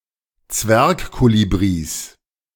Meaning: plural of Zwergkolibri
- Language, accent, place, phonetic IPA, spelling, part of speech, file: German, Germany, Berlin, [ˈt͡svɛʁkˌkoːlibʁis], Zwergkolibris, noun, De-Zwergkolibris.ogg